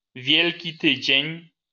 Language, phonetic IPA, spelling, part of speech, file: Polish, [ˈvʲjɛlʲci ˈtɨd͡ʑɛ̇̃ɲ], Wielki Tydzień, noun, LL-Q809 (pol)-Wielki Tydzień.wav